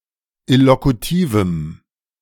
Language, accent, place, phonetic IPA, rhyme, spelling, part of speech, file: German, Germany, Berlin, [ɪlokuˈtiːvm̩], -iːvm̩, illokutivem, adjective, De-illokutivem.ogg
- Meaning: strong dative masculine/neuter singular of illokutiv